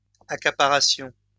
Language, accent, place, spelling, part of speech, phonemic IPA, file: French, France, Lyon, accaparassions, verb, /a.ka.pa.ʁa.sjɔ̃/, LL-Q150 (fra)-accaparassions.wav
- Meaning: first-person plural imperfect subjunctive of accaparer